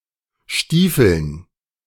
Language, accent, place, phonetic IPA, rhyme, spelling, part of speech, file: German, Germany, Berlin, [ˈʃtiːfl̩n], -iːfl̩n, Stiefeln, noun, De-Stiefeln.ogg
- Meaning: dative plural of Stiefel